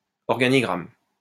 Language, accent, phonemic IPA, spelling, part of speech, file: French, France, /ɔʁ.ɡa.ni.ɡʁam/, organigramme, noun, LL-Q150 (fra)-organigramme.wav
- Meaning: 1. organization chart, organigram (chart of reporting relationships in an organization) 2. flow chart